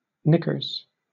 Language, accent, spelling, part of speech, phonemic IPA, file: English, Southern England, knickers, noun / interjection, /ˈnɪkəz/, LL-Q1860 (eng)-knickers.wav
- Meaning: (noun) 1. Knickerbockers 2. Women's underpants; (interjection) A mild exclamation of annoyance